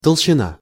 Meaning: 1. thickness 2. fatness
- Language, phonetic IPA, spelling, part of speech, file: Russian, [təɫɕːɪˈna], толщина, noun, Ru-толщина.ogg